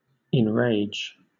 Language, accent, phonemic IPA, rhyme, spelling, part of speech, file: English, Southern England, /ɪnˈɹeɪd͡ʒ/, -eɪdʒ, enrage, verb, LL-Q1860 (eng)-enrage.wav
- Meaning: 1. To become angry or wild 2. To fill with rage; to outrage; to provoke to frenzy; to make furious 3. To provoke to madness, to make insane